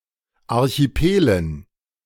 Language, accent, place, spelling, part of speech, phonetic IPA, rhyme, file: German, Germany, Berlin, Archipelen, noun, [ˌaʁçiˈpeːlən], -eːlən, De-Archipelen.ogg
- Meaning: dative plural of Archipel